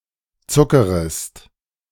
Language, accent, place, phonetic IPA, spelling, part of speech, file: German, Germany, Berlin, [ˈt͡sʊkəʁəst], zuckerest, verb, De-zuckerest.ogg
- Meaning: second-person singular subjunctive I of zuckern